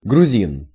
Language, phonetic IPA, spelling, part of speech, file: Russian, [ɡrʊˈzʲin], грузин, noun, Ru-грузин.ogg
- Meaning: Georgian, Kartvelian (person from the country of Georgia)